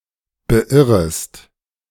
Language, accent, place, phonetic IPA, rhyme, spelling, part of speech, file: German, Germany, Berlin, [bəˈʔɪʁəst], -ɪʁəst, beirrest, verb, De-beirrest.ogg
- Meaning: second-person singular subjunctive I of beirren